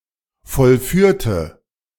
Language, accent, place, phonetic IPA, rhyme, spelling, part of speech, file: German, Germany, Berlin, [fɔlˈfyːɐ̯tə], -yːɐ̯tə, vollführte, adjective / verb, De-vollführte.ogg
- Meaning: inflection of vollführen: 1. first/third-person singular preterite 2. first/third-person singular subjunctive II